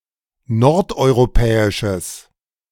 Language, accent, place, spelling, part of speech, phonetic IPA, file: German, Germany, Berlin, nordeuropäisches, adjective, [ˈnɔʁtʔɔɪ̯ʁoˌpɛːɪʃəs], De-nordeuropäisches.ogg
- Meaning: strong/mixed nominative/accusative neuter singular of nordeuropäisch